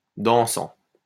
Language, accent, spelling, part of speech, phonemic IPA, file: French, France, dansant, verb / adjective, /dɑ̃.sɑ̃/, LL-Q150 (fra)-dansant.wav
- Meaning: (verb) present participle of danser; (adjective) dancing